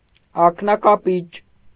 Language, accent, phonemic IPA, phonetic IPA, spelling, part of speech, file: Armenian, Eastern Armenian, /ɑknɑkɑˈpit͡ʃ/, [ɑknɑkɑpít͡ʃ], ակնակապիճ, noun, Hy-ակնակապիճ.ogg
- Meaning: eye socket